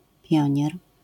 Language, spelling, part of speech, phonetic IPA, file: Polish, pionier, noun, [ˈpʲjɔ̇̃ɲɛr], LL-Q809 (pol)-pionier.wav